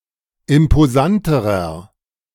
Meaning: inflection of imposant: 1. strong/mixed nominative masculine singular comparative degree 2. strong genitive/dative feminine singular comparative degree 3. strong genitive plural comparative degree
- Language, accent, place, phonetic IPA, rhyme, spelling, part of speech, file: German, Germany, Berlin, [ɪmpoˈzantəʁɐ], -antəʁɐ, imposanterer, adjective, De-imposanterer.ogg